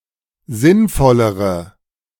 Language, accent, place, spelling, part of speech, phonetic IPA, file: German, Germany, Berlin, sinnvollere, adjective, [ˈzɪnˌfɔləʁə], De-sinnvollere.ogg
- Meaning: inflection of sinnvoll: 1. strong/mixed nominative/accusative feminine singular comparative degree 2. strong nominative/accusative plural comparative degree